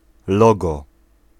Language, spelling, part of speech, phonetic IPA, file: Polish, logo, noun, [ˈlɔɡɔ], Pl-logo.ogg